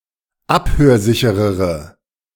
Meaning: inflection of abhörsicher: 1. strong/mixed nominative/accusative feminine singular comparative degree 2. strong nominative/accusative plural comparative degree
- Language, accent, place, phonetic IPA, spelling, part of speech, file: German, Germany, Berlin, [ˈaphøːɐ̯ˌzɪçəʁəʁə], abhörsicherere, adjective, De-abhörsicherere.ogg